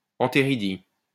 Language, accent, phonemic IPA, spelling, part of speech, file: French, France, /ɑ̃.te.ʁi.di/, anthéridie, noun, LL-Q150 (fra)-anthéridie.wav
- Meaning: antheridium